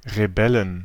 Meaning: 1. genitive singular of Rebell 2. dative singular of Rebell 3. accusative singular of Rebell 4. nominative plural of Rebell 5. genitive plural of Rebell 6. dative plural of Rebell
- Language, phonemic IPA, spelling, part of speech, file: German, /ʁeˈbɛlən/, Rebellen, noun, De-Rebellen.ogg